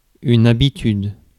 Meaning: habit (action done on a regular basis)
- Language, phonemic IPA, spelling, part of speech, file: French, /a.bi.tyd/, habitude, noun, Fr-habitude.ogg